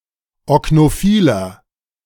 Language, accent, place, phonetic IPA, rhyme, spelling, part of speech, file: German, Germany, Berlin, [ɔknoˈfiːlɐ], -iːlɐ, oknophiler, adjective, De-oknophiler.ogg
- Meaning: 1. comparative degree of oknophil 2. inflection of oknophil: strong/mixed nominative masculine singular 3. inflection of oknophil: strong genitive/dative feminine singular